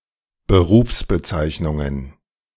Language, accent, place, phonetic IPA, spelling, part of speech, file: German, Germany, Berlin, [bəˈʁuːfsbəˌt͡saɪ̯çnʊŋən], Berufsbezeichnungen, noun, De-Berufsbezeichnungen.ogg
- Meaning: plural of Berufsbezeichnung